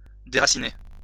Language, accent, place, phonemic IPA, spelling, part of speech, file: French, France, Lyon, /de.ʁa.si.ne/, déraciner, verb, LL-Q150 (fra)-déraciner.wav
- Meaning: 1. to uproot, to deracinate (a tree) 2. to deracinate (a person)